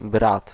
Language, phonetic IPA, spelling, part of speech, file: Polish, [brat], brat, noun, Pl-brat.ogg